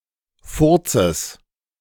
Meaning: genitive singular of Furz
- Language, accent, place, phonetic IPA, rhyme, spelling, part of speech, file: German, Germany, Berlin, [ˈfʊʁt͡səs], -ʊʁt͡səs, Furzes, noun, De-Furzes.ogg